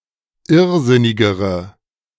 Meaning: inflection of irrsinnig: 1. strong/mixed nominative/accusative feminine singular comparative degree 2. strong nominative/accusative plural comparative degree
- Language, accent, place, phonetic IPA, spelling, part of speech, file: German, Germany, Berlin, [ˈɪʁˌzɪnɪɡəʁə], irrsinnigere, adjective, De-irrsinnigere.ogg